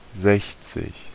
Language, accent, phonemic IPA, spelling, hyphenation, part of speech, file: German, Germany, /ˈzɛçt͡sɪk/, sechzig, sech‧zig, numeral, De-sechzig.ogg
- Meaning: sixty